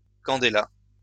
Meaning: candela
- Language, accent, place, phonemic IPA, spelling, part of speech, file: French, France, Lyon, /kɑ̃.de.la/, candéla, noun, LL-Q150 (fra)-candéla.wav